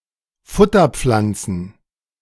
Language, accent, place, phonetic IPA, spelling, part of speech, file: German, Germany, Berlin, [ˈfʊtɐˌp͡flant͡sn̩], Futterpflanzen, noun, De-Futterpflanzen.ogg
- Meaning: plural of Futterpflanze